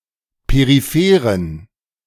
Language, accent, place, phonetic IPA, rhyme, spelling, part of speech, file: German, Germany, Berlin, [peʁiˈfeːʁən], -eːʁən, peripheren, adjective, De-peripheren.ogg
- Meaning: inflection of peripher: 1. strong genitive masculine/neuter singular 2. weak/mixed genitive/dative all-gender singular 3. strong/weak/mixed accusative masculine singular 4. strong dative plural